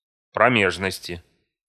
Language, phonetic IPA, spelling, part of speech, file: Russian, [prɐˈmʲeʐnəsʲtʲɪ], промежности, noun, Ru-промежности.ogg
- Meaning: inflection of проме́жность (proméžnostʹ): 1. genitive/dative/prepositional singular 2. nominative/accusative plural